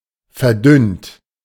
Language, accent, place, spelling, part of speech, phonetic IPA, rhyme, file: German, Germany, Berlin, verdünnt, adjective / verb, [fɛɐ̯ˈdʏnt], -ʏnt, De-verdünnt.ogg
- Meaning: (verb) past participle of verdünnen; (adjective) 1. dilute 2. rarefied 3. diluted, thinned, attenuated